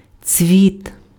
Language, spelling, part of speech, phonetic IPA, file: Ukrainian, цвіт, noun, [t͡sʲʋʲit], Uk-цвіт.ogg
- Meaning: flower